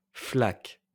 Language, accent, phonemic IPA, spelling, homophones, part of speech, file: French, France, /flak/, flaques, flaque / flaquent, verb, LL-Q150 (fra)-flaques.wav
- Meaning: second-person singular present indicative/subjunctive of flaquer